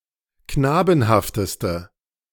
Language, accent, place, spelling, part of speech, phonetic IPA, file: German, Germany, Berlin, knabenhafteste, adjective, [ˈknaːbn̩haftəstə], De-knabenhafteste.ogg
- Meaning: inflection of knabenhaft: 1. strong/mixed nominative/accusative feminine singular superlative degree 2. strong nominative/accusative plural superlative degree